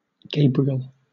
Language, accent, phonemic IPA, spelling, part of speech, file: English, Southern England, /ˈɡeɪ.bɹi.əl/, Gabriel, proper noun, LL-Q1860 (eng)-Gabriel.wav
- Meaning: A male given name from Latin [in turn from Ancient Greek, in turn from Hebrew]